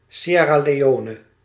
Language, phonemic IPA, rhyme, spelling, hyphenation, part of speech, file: Dutch, /ˌʃɛ.raː.leːˈoː.nə/, -oːnə, Sierra Leone, Si‧er‧ra Le‧o‧ne, proper noun, Nl-Sierra Leone.ogg
- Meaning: Sierra Leone (a country in West Africa)